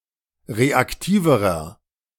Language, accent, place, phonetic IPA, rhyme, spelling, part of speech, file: German, Germany, Berlin, [ˌʁeakˈtiːvəʁɐ], -iːvəʁɐ, reaktiverer, adjective, De-reaktiverer.ogg
- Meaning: inflection of reaktiv: 1. strong/mixed nominative masculine singular comparative degree 2. strong genitive/dative feminine singular comparative degree 3. strong genitive plural comparative degree